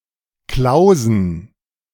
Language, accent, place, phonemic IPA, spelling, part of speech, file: German, Germany, Berlin, /ˈklaʊ̯zn̩/, Klausen, proper noun / noun, De-Klausen.ogg
- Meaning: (proper noun) 1. a municipality of Rhineland-Palatinate, Germany 2. a municipality of South Tyrol; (noun) plural of Klause